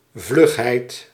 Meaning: quickness
- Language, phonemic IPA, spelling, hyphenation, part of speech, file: Dutch, /ˈvlʏxhɛit/, vlugheid, vlug‧heid, noun, Nl-vlugheid.ogg